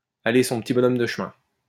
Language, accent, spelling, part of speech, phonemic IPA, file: French, France, aller son petit bonhomme de chemin, verb, /a.le sɔ̃ p(ə).ti bɔ.nɔm də ʃ(ə).mɛ̃/, LL-Q150 (fra)-aller son petit bonhomme de chemin.wav
- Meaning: to live one's life, to follow one's path in peace and quiet, to go on one's way peacefully